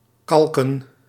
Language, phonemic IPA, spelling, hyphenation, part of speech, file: Dutch, /ˈkɑl.kə(n)/, kalken, kal‧ken, verb, Nl-kalken.ogg
- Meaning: 1. to apply chalk 2. to write